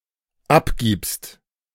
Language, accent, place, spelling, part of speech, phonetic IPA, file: German, Germany, Berlin, abgibst, verb, [ˈapˌɡiːpst], De-abgibst.ogg
- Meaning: second-person singular dependent present of abgeben